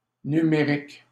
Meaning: 1. number, numeric, numerical 2. digital
- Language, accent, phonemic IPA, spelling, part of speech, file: French, Canada, /ny.me.ʁik/, numérique, adjective, LL-Q150 (fra)-numérique.wav